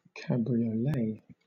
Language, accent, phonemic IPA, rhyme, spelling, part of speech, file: English, Southern England, /kæ.bɹi.əˈleɪ/, -eɪ, cabriolet, noun, LL-Q1860 (eng)-cabriolet.wav
- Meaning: 1. An automobile with a retractable top 2. A light two- or four-wheeled carriage with a folding top, pulled by a single horse